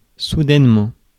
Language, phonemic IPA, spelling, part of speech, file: French, /su.dɛn.mɑ̃/, soudainement, adverb, Fr-soudainement.ogg
- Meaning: suddenly